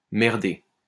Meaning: to fuck up, to screw up (make errors)
- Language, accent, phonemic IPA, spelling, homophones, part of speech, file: French, France, /mɛʁ.de/, merder, merdé / merdée / merdées / merdés / merdez, verb, LL-Q150 (fra)-merder.wav